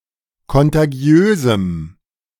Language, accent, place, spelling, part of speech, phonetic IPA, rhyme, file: German, Germany, Berlin, kontagiösem, adjective, [kɔntaˈɡi̯øːzm̩], -øːzm̩, De-kontagiösem.ogg
- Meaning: strong dative masculine/neuter singular of kontagiös